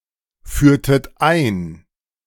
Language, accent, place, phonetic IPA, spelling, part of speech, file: German, Germany, Berlin, [ˌfyːɐ̯tət ˈaɪ̯n], führtet ein, verb, De-führtet ein.ogg
- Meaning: inflection of einführen: 1. second-person plural preterite 2. second-person plural subjunctive II